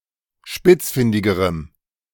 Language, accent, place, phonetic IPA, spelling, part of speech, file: German, Germany, Berlin, [ˈʃpɪt͡sˌfɪndɪɡəʁəm], spitzfindigerem, adjective, De-spitzfindigerem.ogg
- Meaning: strong dative masculine/neuter singular comparative degree of spitzfindig